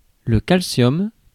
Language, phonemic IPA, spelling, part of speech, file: French, /kal.sjɔm/, calcium, noun, Fr-calcium.ogg
- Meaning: calcium